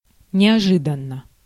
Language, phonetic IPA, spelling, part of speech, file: Russian, [nʲɪɐˈʐɨdən(ː)ə], неожиданно, adverb / adjective, Ru-неожиданно.ogg
- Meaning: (adverb) suddenly, unexpectedly; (adjective) short neuter singular of неожи́данный (neožídannyj)